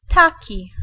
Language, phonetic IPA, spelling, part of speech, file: Polish, [ˈtaci], taki, pronoun / conjunction, Pl-taki.ogg